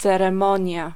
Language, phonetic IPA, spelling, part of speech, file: Polish, [ˌt͡sɛrɛ̃ˈmɔ̃ɲja], ceremonia, noun, Pl-ceremonia.ogg